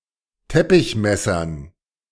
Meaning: dative plural of Teppichmesser
- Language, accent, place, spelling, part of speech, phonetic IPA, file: German, Germany, Berlin, Teppichmessern, noun, [ˈtɛpɪçˌmɛsɐn], De-Teppichmessern.ogg